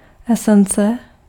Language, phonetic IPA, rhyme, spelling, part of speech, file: Czech, [ˈɛsɛnt͡sɛ], -ɛntsɛ, esence, noun, Cs-esence.ogg
- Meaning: 1. essence 2. extract (preparation obtained by evaporating a solution of a drug)